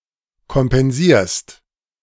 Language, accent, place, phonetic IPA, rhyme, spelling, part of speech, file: German, Germany, Berlin, [kɔmpɛnˈziːɐ̯st], -iːɐ̯st, kompensierst, verb, De-kompensierst.ogg
- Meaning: second-person singular present of kompensieren